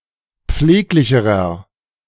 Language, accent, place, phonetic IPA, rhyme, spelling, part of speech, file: German, Germany, Berlin, [ˈp͡fleːklɪçəʁɐ], -eːklɪçəʁɐ, pfleglicherer, adjective, De-pfleglicherer.ogg
- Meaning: inflection of pfleglich: 1. strong/mixed nominative masculine singular comparative degree 2. strong genitive/dative feminine singular comparative degree 3. strong genitive plural comparative degree